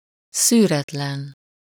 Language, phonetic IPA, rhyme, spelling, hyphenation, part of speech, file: Hungarian, [ˈsyːrɛtlɛn], -ɛn, szűretlen, szű‧ret‧len, adjective, Hu-szűretlen.ogg
- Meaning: unfiltered